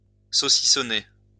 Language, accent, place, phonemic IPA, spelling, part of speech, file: French, France, Lyon, /so.si.sɔ.ne/, saucissonner, verb, LL-Q150 (fra)-saucissonner.wav
- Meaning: 1. to slice, slice up 2. to chop up, divide up